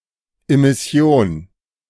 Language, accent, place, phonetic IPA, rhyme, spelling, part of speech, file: German, Germany, Berlin, [ɪmɪˈsi̯oːn], -oːn, Immission, noun, De-Immission.ogg
- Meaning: immission